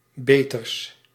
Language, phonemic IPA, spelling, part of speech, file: Dutch, /ˈbetərs/, beters, adjective, Nl-beters.ogg
- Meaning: partitive of beter, the comparative degree of goed